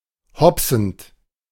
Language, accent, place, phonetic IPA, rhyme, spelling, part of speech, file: German, Germany, Berlin, [ˈhɔpsn̩t], -ɔpsn̩t, hopsend, verb, De-hopsend.ogg
- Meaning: present participle of hopsen